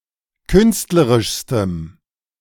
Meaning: strong dative masculine/neuter singular superlative degree of künstlerisch
- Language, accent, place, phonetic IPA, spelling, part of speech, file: German, Germany, Berlin, [ˈkʏnstləʁɪʃstəm], künstlerischstem, adjective, De-künstlerischstem.ogg